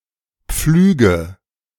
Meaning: inflection of pflügen: 1. first-person singular present 2. singular imperative 3. first/third-person singular subjunctive I
- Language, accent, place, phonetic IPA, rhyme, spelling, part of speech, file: German, Germany, Berlin, [ˈp͡flyːɡə], -yːɡə, pflüge, verb, De-pflüge.ogg